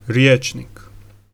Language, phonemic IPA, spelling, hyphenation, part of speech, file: Serbo-Croatian, /rjêːt͡ʃniːk/, rječnik, rječ‧nik, noun, Hr-rječnik.ogg
- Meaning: dictionary